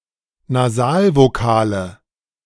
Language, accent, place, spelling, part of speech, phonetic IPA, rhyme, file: German, Germany, Berlin, Nasalvokale, noun, [naˈzaːlvoˌkaːlə], -aːlvokaːlə, De-Nasalvokale.ogg
- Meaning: nominative/accusative/genitive plural of Nasalvokal